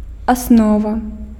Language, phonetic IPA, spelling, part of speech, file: Belarusian, [aˈsnova], аснова, noun, Be-аснова.ogg
- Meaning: 1. basis, foundation, base 2. fundamentals, essential principles, ABC, basics, foundation 3. stem